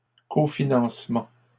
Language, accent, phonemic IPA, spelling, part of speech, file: French, Canada, /ko.fi.nɑ̃s.mɑ̃/, cofinancements, noun, LL-Q150 (fra)-cofinancements.wav
- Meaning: plural of cofinancement